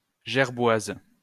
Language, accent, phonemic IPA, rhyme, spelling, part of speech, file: French, France, /ʒɛʁ.bwaz/, -az, gerboise, noun, LL-Q150 (fra)-gerboise.wav
- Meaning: jerboa